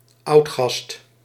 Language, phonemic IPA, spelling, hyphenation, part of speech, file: Dutch, /ˈɑu̯t.xɑst/, oudgast, oud‧gast, noun, Nl-oudgast.ogg
- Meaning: a longtimer, a long-time resident of Dutch background in the Dutch East Indies